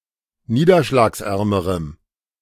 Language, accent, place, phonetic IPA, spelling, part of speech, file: German, Germany, Berlin, [ˈniːdɐʃlaːksˌʔɛʁməʁəm], niederschlagsärmerem, adjective, De-niederschlagsärmerem.ogg
- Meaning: strong dative masculine/neuter singular comparative degree of niederschlagsarm